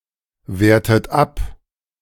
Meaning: inflection of abwerten: 1. third-person singular present 2. second-person plural present 3. second-person plural subjunctive I 4. plural imperative
- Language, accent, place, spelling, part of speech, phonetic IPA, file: German, Germany, Berlin, wertet ab, verb, [ˌveːɐ̯tət ˈap], De-wertet ab.ogg